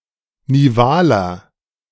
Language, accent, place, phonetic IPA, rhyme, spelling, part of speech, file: German, Germany, Berlin, [niˈvaːlɐ], -aːlɐ, nivaler, adjective, De-nivaler.ogg
- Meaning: inflection of nival: 1. strong/mixed nominative masculine singular 2. strong genitive/dative feminine singular 3. strong genitive plural